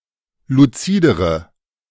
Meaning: inflection of luzid: 1. strong/mixed nominative/accusative feminine singular comparative degree 2. strong nominative/accusative plural comparative degree
- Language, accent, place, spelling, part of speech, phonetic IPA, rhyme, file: German, Germany, Berlin, luzidere, adjective, [luˈt͡siːdəʁə], -iːdəʁə, De-luzidere.ogg